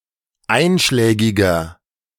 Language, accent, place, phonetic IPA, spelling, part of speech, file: German, Germany, Berlin, [ˈaɪ̯nʃlɛːɡɪɡɐ], einschlägiger, adjective, De-einschlägiger.ogg
- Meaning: 1. comparative degree of einschlägig 2. inflection of einschlägig: strong/mixed nominative masculine singular 3. inflection of einschlägig: strong genitive/dative feminine singular